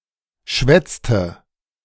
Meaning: inflection of schwätzen: 1. first/third-person singular preterite 2. first/third-person singular subjunctive II
- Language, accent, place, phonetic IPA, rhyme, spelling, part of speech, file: German, Germany, Berlin, [ˈʃvɛt͡stə], -ɛt͡stə, schwätzte, verb, De-schwätzte.ogg